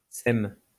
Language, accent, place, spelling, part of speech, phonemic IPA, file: French, France, Lyon, sème, verb, /sɛm/, LL-Q150 (fra)-sème.wav
- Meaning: inflection of semer: 1. first/third-person singular present indicative/subjunctive 2. second-person singular imperative